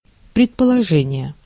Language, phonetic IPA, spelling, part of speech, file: Russian, [prʲɪtpəɫɐˈʐɛnʲɪje], предположение, noun, Ru-предположение.ogg
- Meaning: 1. assumption 2. hypothesis, supposition, guess, speculation, conjecture, surmise 3. presumption 4. presupposition 5. sumption